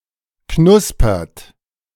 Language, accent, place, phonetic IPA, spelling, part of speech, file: German, Germany, Berlin, [ˈknʊspɐt], knuspert, verb, De-knuspert.ogg
- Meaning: inflection of knuspern: 1. second-person plural present 2. third-person singular present 3. plural imperative